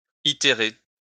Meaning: to iterate
- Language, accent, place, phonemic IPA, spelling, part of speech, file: French, France, Lyon, /i.te.ʁe/, itérer, verb, LL-Q150 (fra)-itérer.wav